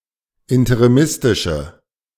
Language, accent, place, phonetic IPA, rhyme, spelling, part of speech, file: German, Germany, Berlin, [ɪntəʁiˈmɪstɪʃə], -ɪstɪʃə, interimistische, adjective, De-interimistische.ogg
- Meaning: inflection of interimistisch: 1. strong/mixed nominative/accusative feminine singular 2. strong nominative/accusative plural 3. weak nominative all-gender singular